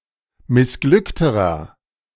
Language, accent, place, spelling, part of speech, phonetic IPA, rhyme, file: German, Germany, Berlin, missglückterer, adjective, [mɪsˈɡlʏktəʁɐ], -ʏktəʁɐ, De-missglückterer.ogg
- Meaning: inflection of missglückt: 1. strong/mixed nominative masculine singular comparative degree 2. strong genitive/dative feminine singular comparative degree 3. strong genitive plural comparative degree